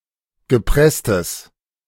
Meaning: strong/mixed nominative/accusative neuter singular of gepresst
- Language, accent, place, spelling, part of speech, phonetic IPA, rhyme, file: German, Germany, Berlin, gepresstes, adjective, [ɡəˈpʁɛstəs], -ɛstəs, De-gepresstes.ogg